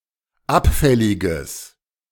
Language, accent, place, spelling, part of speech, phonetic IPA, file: German, Germany, Berlin, abfälliges, adjective, [ˈapˌfɛlɪɡəs], De-abfälliges.ogg
- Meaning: strong/mixed nominative/accusative neuter singular of abfällig